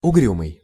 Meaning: sullen, sulky, gloomy, morose (showing a brooding ill humour)
- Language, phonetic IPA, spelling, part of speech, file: Russian, [ʊˈɡrʲumɨj], угрюмый, adjective, Ru-угрюмый.ogg